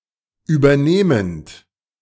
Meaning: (verb) present participle of übernehmen; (adjective) taking over, receiving, acquiring
- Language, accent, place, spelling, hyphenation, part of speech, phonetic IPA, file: German, Germany, Berlin, übernehmend, über‧neh‧mend, verb / adjective, [yːbɐˈneːmənt], De-übernehmend.ogg